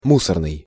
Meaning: 1. garbage 2. trash 3. unwanted
- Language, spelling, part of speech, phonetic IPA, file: Russian, мусорный, adjective, [ˈmusərnɨj], Ru-мусорный.ogg